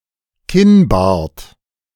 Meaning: the portion of the beard on the chin, especially (but not exclusively) when trimmed in the form of a goatee
- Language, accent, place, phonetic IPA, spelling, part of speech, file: German, Germany, Berlin, [ˈkɪnˌbaːɐ̯t], Kinnbart, noun, De-Kinnbart.ogg